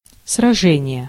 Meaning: battle, engagement (general action, fight, or encounter; a combat)
- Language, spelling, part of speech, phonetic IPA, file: Russian, сражение, noun, [srɐˈʐɛnʲɪje], Ru-сражение.ogg